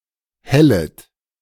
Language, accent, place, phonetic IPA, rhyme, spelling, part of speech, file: German, Germany, Berlin, [ˈhɛlət], -ɛlət, hellet, verb, De-hellet.ogg
- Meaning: second-person plural subjunctive I of hellen